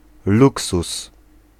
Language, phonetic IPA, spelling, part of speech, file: Polish, [ˈluksus], luksus, noun, Pl-luksus.ogg